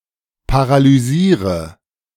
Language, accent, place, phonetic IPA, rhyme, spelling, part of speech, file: German, Germany, Berlin, [paʁalyˈziːʁə], -iːʁə, paralysiere, verb, De-paralysiere.ogg
- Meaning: inflection of paralysieren: 1. first-person singular present 2. first/third-person singular subjunctive I 3. singular imperative